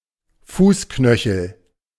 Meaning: lump on inside and outside of the ankle: 1. ankle 2. malleolus
- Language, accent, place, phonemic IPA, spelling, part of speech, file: German, Germany, Berlin, /ˈfuːsˌknœçl̩/, Fußknöchel, noun, De-Fußknöchel.ogg